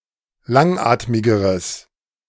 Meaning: strong/mixed nominative/accusative neuter singular comparative degree of langatmig
- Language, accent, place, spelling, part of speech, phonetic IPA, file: German, Germany, Berlin, langatmigeres, adjective, [ˈlaŋˌʔaːtmɪɡəʁəs], De-langatmigeres.ogg